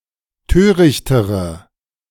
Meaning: inflection of töricht: 1. strong/mixed nominative/accusative feminine singular comparative degree 2. strong nominative/accusative plural comparative degree
- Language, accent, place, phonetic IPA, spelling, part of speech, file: German, Germany, Berlin, [ˈtøːʁɪçtəʁə], törichtere, adjective, De-törichtere.ogg